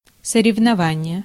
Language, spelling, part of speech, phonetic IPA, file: Russian, соревнование, noun, [sərʲɪvnɐˈvanʲɪje], Ru-соревнование.ogg
- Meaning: competition, contest